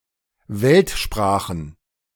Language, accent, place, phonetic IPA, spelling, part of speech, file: German, Germany, Berlin, [ˈvɛltˌʃpʁaːxn̩], Weltsprachen, noun, De-Weltsprachen.ogg
- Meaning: plural of Weltsprache